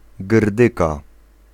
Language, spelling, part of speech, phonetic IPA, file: Polish, grdyka, noun, [ˈɡrdɨka], Pl-grdyka.ogg